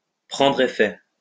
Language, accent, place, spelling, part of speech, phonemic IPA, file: French, France, Lyon, prendre effet, verb, /pʁɑ̃.dʁ‿e.fɛ/, LL-Q150 (fra)-prendre effet.wav
- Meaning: to come into force, to come into effect, to take effect, to inure